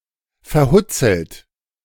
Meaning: withered, shriveled
- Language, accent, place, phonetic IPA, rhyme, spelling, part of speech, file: German, Germany, Berlin, [fɛɐ̯ˈhʊt͡sl̩t], -ʊt͡sl̩t, verhutzelt, adjective, De-verhutzelt.ogg